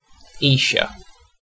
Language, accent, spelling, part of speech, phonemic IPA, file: English, UK, Esher, proper noun, /iːʃə/, En-uk-Esher.ogg
- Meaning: A town in Elmbridge borough, northern Surrey, England (OS grid ref TQ1364)